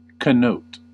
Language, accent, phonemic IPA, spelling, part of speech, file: English, US, /kəˈnoʊt/, connote, verb, En-us-connote.ogg
- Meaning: 1. To signify beyond its literal or principal meaning 2. To possess an inseparable related condition; to imply as a logical consequence 3. To express without overt reference; to imply